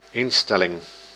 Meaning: 1. institution 2. attitude 3. setting, configuration option 4. adjustment 5. setting, atmosphere
- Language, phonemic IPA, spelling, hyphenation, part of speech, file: Dutch, /ˈɪnˌstɛ.lɪŋ/, instelling, in‧stel‧ling, noun, Nl-instelling.ogg